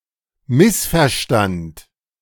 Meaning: first/third-person singular preterite of missverstehen
- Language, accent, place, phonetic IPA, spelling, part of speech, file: German, Germany, Berlin, [ˈmɪsfɛɐ̯ˌʃtant], missverstand, verb, De-missverstand.ogg